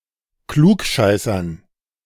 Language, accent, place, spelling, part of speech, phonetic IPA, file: German, Germany, Berlin, Klugscheißern, noun, [ˈkluːkˌʃaɪ̯sɐn], De-Klugscheißern.ogg
- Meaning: dative plural of Klugscheißer